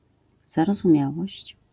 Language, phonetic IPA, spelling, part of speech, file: Polish, [ˌzarɔzũˈmʲjawɔɕt͡ɕ], zarozumiałość, noun, LL-Q809 (pol)-zarozumiałość.wav